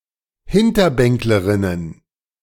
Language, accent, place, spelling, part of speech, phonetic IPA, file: German, Germany, Berlin, Hinterbänklerinnen, noun, [ˈhɪntɐˌbɛŋkləʁɪnən], De-Hinterbänklerinnen.ogg
- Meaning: plural of Hinterbänklerin